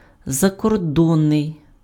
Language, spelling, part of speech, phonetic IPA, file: Ukrainian, закордонний, adjective, [zɐkɔrˈdɔnːei̯], Uk-закордонний.ogg
- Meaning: foreign (relating to places abroad, beyond the borders of one's own country)